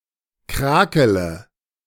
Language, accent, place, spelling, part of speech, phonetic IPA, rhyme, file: German, Germany, Berlin, krakele, verb, [ˈkʁaːkələ], -aːkələ, De-krakele.ogg
- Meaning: inflection of krakeln: 1. first-person singular present 2. first/third-person singular subjunctive I 3. singular imperative